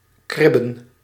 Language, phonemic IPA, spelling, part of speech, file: Dutch, /ˈkrɪ.bə(n)/, kribben, verb / noun, Nl-kribben.ogg
- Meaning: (verb) 1. to scratch 2. to quarrel; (noun) 1. plural of kribbe 2. plural of krib